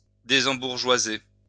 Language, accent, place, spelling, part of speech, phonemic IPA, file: French, France, Lyon, désembourgeoiser, verb, /de.zɑ̃.buʁ.ʒwa.ze/, LL-Q150 (fra)-désembourgeoiser.wav
- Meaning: to no longer be bourgeois